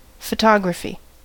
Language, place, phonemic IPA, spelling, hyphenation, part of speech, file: English, California, /fəˈtɑ.ɡɹə.fi/, photography, pho‧to‧gra‧phy, noun, En-us-photography.ogg
- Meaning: 1. The art and technology of producing images on photosensitive surfaces, and its digital counterpart 2. The occupation of taking (and often printing) photographs